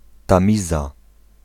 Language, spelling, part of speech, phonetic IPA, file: Polish, Tamiza, proper noun, [tãˈmʲiza], Pl-Tamiza.ogg